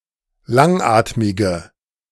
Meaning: inflection of langatmig: 1. strong/mixed nominative/accusative feminine singular 2. strong nominative/accusative plural 3. weak nominative all-gender singular
- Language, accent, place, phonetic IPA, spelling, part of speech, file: German, Germany, Berlin, [ˈlaŋˌʔaːtmɪɡə], langatmige, adjective, De-langatmige.ogg